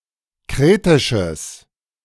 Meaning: strong/mixed nominative/accusative neuter singular of kretisch
- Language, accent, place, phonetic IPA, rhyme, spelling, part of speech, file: German, Germany, Berlin, [ˈkʁeːtɪʃəs], -eːtɪʃəs, kretisches, adjective, De-kretisches.ogg